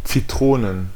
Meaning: plural of Zitrone "lemons"
- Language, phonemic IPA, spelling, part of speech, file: German, /t͡siˈtʁoːnn/, Zitronen, noun, De-Zitronen.ogg